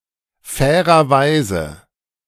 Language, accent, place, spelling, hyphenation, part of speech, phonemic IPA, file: German, Germany, Berlin, fairerweise, fai‧rer‧wei‧se, adverb, /ˈfɛːʁɐˌvaɪ̯zə/, De-fairerweise.ogg
- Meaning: to be fair